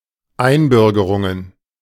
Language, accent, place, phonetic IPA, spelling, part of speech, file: German, Germany, Berlin, [ˈaɪ̯nˌbʏʁɡəʁʊŋən], Einbürgerungen, noun, De-Einbürgerungen.ogg
- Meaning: plural of Einbürgerungen